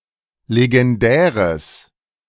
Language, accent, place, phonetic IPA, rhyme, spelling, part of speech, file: German, Germany, Berlin, [leɡɛnˈdɛːʁəs], -ɛːʁəs, legendäres, adjective, De-legendäres.ogg
- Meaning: strong/mixed nominative/accusative neuter singular of legendär